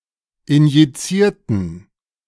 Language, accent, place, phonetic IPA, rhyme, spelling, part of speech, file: German, Germany, Berlin, [ɪnjiˈt͡siːɐ̯tn̩], -iːɐ̯tn̩, injizierten, adjective / verb, De-injizierten.ogg
- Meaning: inflection of injizieren: 1. first/third-person plural preterite 2. first/third-person plural subjunctive II